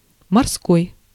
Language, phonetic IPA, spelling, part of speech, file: Russian, [mɐrˈskoj], морской, adjective, Ru-морской.ogg
- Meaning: 1. sea 2. nautical 3. maritime 4. naval 5. seaside